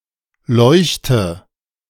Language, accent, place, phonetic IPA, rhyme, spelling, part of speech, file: German, Germany, Berlin, [ˈlɔɪ̯çtə], -ɔɪ̯çtə, leuchte, verb, De-leuchte.ogg
- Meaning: inflection of leuchten: 1. first-person singular present 2. singular imperative 3. first/third-person singular subjunctive I